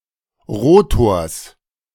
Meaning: genitive singular of Rotor
- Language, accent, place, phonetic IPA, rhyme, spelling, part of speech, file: German, Germany, Berlin, [ˈʁoːtoːɐ̯s], -oːtoːɐ̯s, Rotors, noun, De-Rotors.ogg